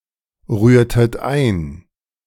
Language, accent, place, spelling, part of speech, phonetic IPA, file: German, Germany, Berlin, rührtet ein, verb, [ˌʁyːɐ̯tət ˈaɪ̯n], De-rührtet ein.ogg
- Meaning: inflection of einrühren: 1. second-person plural preterite 2. second-person plural subjunctive II